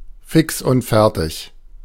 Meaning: bushed, burnt out, dead on one's feet, at the end of one's rope, running on fumes, ready to drop, out of steam
- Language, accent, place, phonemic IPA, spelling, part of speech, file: German, Germany, Berlin, /fɪks ʊnt ˈfɛʁtiç/, fix und fertig, adjective, De-fix und fertig.ogg